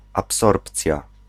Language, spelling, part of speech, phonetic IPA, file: Polish, absorpcja, noun, [apˈsɔrpt͡sʲja], Pl-absorpcja.ogg